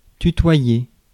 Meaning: 1. to thou (to address (someone) using the informal second-person pronoun tu rather than the formal vous) 2. to be familiar with, to be close to something
- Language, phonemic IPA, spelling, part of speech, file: French, /ty.twa.je/, tutoyer, verb, Fr-tutoyer.ogg